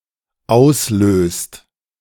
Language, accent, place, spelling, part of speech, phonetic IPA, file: German, Germany, Berlin, auslöst, verb, [ˈaʊ̯sˌløːst], De-auslöst.ogg
- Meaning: inflection of auslösen: 1. second/third-person singular dependent present 2. second-person plural dependent present